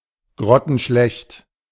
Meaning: terrible, dire
- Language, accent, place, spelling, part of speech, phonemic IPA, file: German, Germany, Berlin, grottenschlecht, adjective, /ɡʁɔtənʃlɛçt/, De-grottenschlecht.ogg